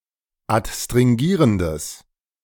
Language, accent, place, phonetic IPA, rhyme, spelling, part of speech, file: German, Germany, Berlin, [atstʁɪŋˈɡiːʁəndəs], -iːʁəndəs, adstringierendes, adjective, De-adstringierendes.ogg
- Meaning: strong/mixed nominative/accusative neuter singular of adstringierend